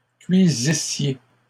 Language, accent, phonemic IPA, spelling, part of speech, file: French, Canada, /kɥi.zi.sje/, cuisissiez, verb, LL-Q150 (fra)-cuisissiez.wav
- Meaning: second-person plural imperfect subjunctive of cuire